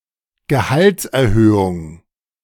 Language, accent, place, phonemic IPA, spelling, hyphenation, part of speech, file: German, Germany, Berlin, /ɡəˈhaltsʔɛɐ̯ˌhøːʊŋ/, Gehaltserhöhung, Ge‧halts‧er‧hö‧hung, noun, De-Gehaltserhöhung.ogg
- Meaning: pay rise